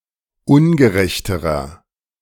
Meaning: inflection of ungerecht: 1. strong/mixed nominative masculine singular comparative degree 2. strong genitive/dative feminine singular comparative degree 3. strong genitive plural comparative degree
- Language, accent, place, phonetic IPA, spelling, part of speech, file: German, Germany, Berlin, [ˈʊnɡəˌʁɛçtəʁɐ], ungerechterer, adjective, De-ungerechterer.ogg